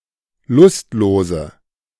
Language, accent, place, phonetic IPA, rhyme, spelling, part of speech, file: German, Germany, Berlin, [ˈlʊstˌloːzə], -ʊstloːzə, lustlose, adjective, De-lustlose.ogg
- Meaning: inflection of lustlos: 1. strong/mixed nominative/accusative feminine singular 2. strong nominative/accusative plural 3. weak nominative all-gender singular 4. weak accusative feminine/neuter singular